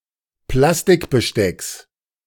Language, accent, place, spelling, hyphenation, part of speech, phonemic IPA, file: German, Germany, Berlin, Plastikbestecks, Plas‧tik‧be‧stecks, noun, /ˈplastɪkbəˌʃtɛks/, De-Plastikbestecks.ogg
- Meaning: genitive singular of Plastikbesteck